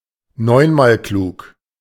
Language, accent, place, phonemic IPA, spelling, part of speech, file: German, Germany, Berlin, /ˈnɔɪ̯nmaːlˌkluːk/, neunmalklug, adjective, De-neunmalklug.ogg
- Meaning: arrogantly clever